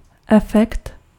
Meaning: 1. effect (result) 2. effect (illusion produced by technical means) 3. effect (scientific phenomenon, usually named after its discoverer)
- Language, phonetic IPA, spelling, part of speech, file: Czech, [ˈɛfɛkt], efekt, noun, Cs-efekt.ogg